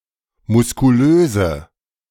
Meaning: inflection of muskulös: 1. strong/mixed nominative/accusative feminine singular 2. strong nominative/accusative plural 3. weak nominative all-gender singular
- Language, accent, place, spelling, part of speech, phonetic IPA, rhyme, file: German, Germany, Berlin, muskulöse, adjective, [mʊskuˈløːzə], -øːzə, De-muskulöse.ogg